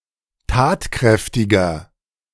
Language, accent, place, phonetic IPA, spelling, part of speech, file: German, Germany, Berlin, [ˈtaːtˌkʁɛftɪɡɐ], tatkräftiger, adjective, De-tatkräftiger.ogg
- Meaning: 1. comparative degree of tatkräftig 2. inflection of tatkräftig: strong/mixed nominative masculine singular 3. inflection of tatkräftig: strong genitive/dative feminine singular